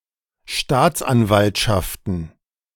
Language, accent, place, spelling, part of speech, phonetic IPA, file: German, Germany, Berlin, Staatsanwaltschaften, noun, [ˈʃtaːt͡sʔanˌvaltʃaftn̩], De-Staatsanwaltschaften.ogg
- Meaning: plural of Staatsanwaltschaft